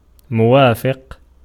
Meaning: 1. consenting, approving, agreeing 2. compatible 3. corresponding
- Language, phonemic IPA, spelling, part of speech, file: Arabic, /mu.waː.fiq/, موافق, adjective, Ar-موافق.ogg